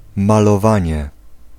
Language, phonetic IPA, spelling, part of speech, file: Polish, [ˌmalɔˈvãɲɛ], malowanie, noun, Pl-malowanie.ogg